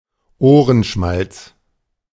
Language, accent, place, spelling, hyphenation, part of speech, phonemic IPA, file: German, Germany, Berlin, Ohrenschmalz, Oh‧ren‧schmalz, noun, /ˈʔoːʁənˌʃmalts/, De-Ohrenschmalz.ogg
- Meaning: earwax